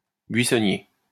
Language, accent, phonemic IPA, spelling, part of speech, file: French, France, /bɥi.sɔ.nje/, buissonnier, adjective, LL-Q150 (fra)-buissonnier.wav
- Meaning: 1. of (hiding in) bushes 2. ducking school; truant 3. of the commune of Buisson